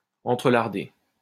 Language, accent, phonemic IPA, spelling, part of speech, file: French, France, /ɑ̃.tʁə.laʁ.de/, entrelarder, verb, LL-Q150 (fra)-entrelarder.wav
- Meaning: 1. to place pieces of bacon into meat; (obsolete) to interlard 2. to furnish something all over by interweaving, or interspersing, often as to embellish: to adorn, to interlard